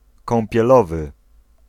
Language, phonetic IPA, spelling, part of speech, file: Polish, [ˌkɔ̃mpʲjɛˈlɔvɨ], kąpielowy, adjective / noun, Pl-kąpielowy.ogg